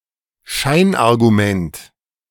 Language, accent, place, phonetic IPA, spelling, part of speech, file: German, Germany, Berlin, [ˈʃaɪ̯nʔaʁɡuˌmɛnt], Scheinargument, noun, De-Scheinargument.ogg
- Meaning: fallacious argument, incorrect argument, pseudoargument